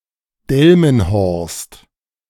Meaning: an independent town in Lower Saxony, Germany
- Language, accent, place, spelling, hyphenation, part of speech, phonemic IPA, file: German, Germany, Berlin, Delmenhorst, Del‧men‧horst, proper noun, /ˈdɛlmənˌhɔʁst/, De-Delmenhorst.ogg